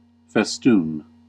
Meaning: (noun) 1. An ornament such as a garland or chain which hangs loosely from two tacked spots 2. A bas-relief, painting, or structural motif resembling such an ornament
- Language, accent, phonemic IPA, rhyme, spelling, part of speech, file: English, US, /fɛsˈtuːn/, -uːn, festoon, noun / verb, En-us-festoon.ogg